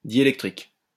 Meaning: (adjective) dielectric
- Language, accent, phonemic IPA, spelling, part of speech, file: French, France, /dje.lɛk.tʁik/, diélectrique, adjective / noun, LL-Q150 (fra)-diélectrique.wav